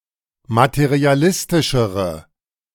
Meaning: inflection of materialistisch: 1. strong/mixed nominative/accusative feminine singular comparative degree 2. strong nominative/accusative plural comparative degree
- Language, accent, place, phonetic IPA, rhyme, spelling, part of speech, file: German, Germany, Berlin, [matəʁiaˈlɪstɪʃəʁə], -ɪstɪʃəʁə, materialistischere, adjective, De-materialistischere.ogg